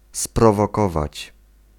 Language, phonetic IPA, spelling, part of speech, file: Polish, [ˌsprɔvɔˈkɔvat͡ɕ], sprowokować, verb, Pl-sprowokować.ogg